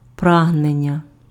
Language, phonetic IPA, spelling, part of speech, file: Ukrainian, [ˈpraɦnenʲːɐ], прагнення, noun, Uk-прагнення.ogg
- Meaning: aspiration, striving